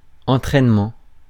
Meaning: training
- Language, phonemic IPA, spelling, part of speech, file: French, /ɑ̃.tʁɛn.mɑ̃/, entraînement, noun, Fr-entraînement.ogg